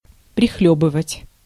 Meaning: to sip
- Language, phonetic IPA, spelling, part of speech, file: Russian, [prʲɪˈxlʲɵbɨvətʲ], прихлёбывать, verb, Ru-прихлёбывать.ogg